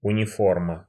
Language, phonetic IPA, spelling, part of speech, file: Russian, [ʊnʲɪˈformə], униформа, noun, Ru-униформа.ogg
- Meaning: 1. uniform 2. circus staff